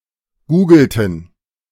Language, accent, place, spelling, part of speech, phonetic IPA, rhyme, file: German, Germany, Berlin, googelten, verb, [ˈɡuːɡl̩tn̩], -uːɡl̩tn̩, De-googelten.ogg
- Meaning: inflection of googeln: 1. first/third-person plural preterite 2. first/third-person plural subjunctive II